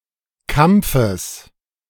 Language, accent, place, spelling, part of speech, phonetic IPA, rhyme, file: German, Germany, Berlin, Kampfes, noun, [ˈkamp͡fəs], -amp͡fəs, De-Kampfes.ogg
- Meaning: genitive singular of Kampf